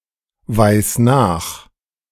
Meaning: singular imperative of nachweisen
- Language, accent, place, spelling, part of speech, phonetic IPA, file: German, Germany, Berlin, weis nach, verb, [ˌvaɪ̯s ˈnaːx], De-weis nach.ogg